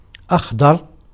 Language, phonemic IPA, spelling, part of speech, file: Arabic, /ʔax.dˤar/, أخضر, adjective, Ar-أخضر.ogg
- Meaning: 1. green; verdant 2. dark; black 3. gray